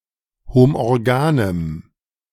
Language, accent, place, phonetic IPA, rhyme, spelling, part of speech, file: German, Germany, Berlin, [homʔɔʁˈɡaːnəm], -aːnəm, homorganem, adjective, De-homorganem.ogg
- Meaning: strong dative masculine/neuter singular of homorgan